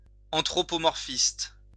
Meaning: anthropomorphistic
- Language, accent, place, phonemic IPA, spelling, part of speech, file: French, France, Lyon, /ɑ̃.tʁɔ.pɔ.mɔʁ.fist/, anthropomorphiste, adjective, LL-Q150 (fra)-anthropomorphiste.wav